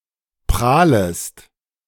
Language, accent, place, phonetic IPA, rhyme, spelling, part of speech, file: German, Germany, Berlin, [ˈpʁaːləst], -aːləst, prahlest, verb, De-prahlest.ogg
- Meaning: second-person singular subjunctive I of prahlen